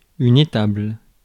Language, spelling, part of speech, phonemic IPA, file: French, étable, noun / verb, /e.tabl/, Fr-étable.ogg
- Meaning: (noun) stable (building for animals); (verb) inflection of établer: 1. first/third-person singular present indicative/subjunctive 2. second-person singular imperative